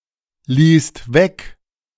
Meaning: second-person singular/plural preterite of weglassen
- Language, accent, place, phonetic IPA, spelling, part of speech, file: German, Germany, Berlin, [ˌliːst ˈvɛk], ließt weg, verb, De-ließt weg.ogg